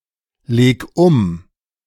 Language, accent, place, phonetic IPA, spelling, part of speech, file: German, Germany, Berlin, [ˌleːk ˈʊm], leg um, verb, De-leg um.ogg
- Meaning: 1. singular imperative of umlegen 2. first-person singular present of umlegen